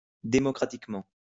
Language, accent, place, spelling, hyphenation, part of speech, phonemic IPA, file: French, France, Lyon, démocratiquement, dé‧mo‧cra‧tique‧ment, adverb, /de.mɔ.kʁa.tik.mɑ̃/, LL-Q150 (fra)-démocratiquement.wav
- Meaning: democratically